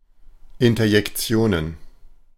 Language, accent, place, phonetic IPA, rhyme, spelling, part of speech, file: German, Germany, Berlin, [ˌɪntɐjɛkˈt͡si̯oːnən], -oːnən, Interjektionen, noun, De-Interjektionen.ogg
- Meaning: plural of Interjektion